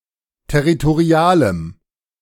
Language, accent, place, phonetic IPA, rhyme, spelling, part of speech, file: German, Germany, Berlin, [tɛʁitoˈʁi̯aːləm], -aːləm, territorialem, adjective, De-territorialem.ogg
- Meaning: strong dative masculine/neuter singular of territorial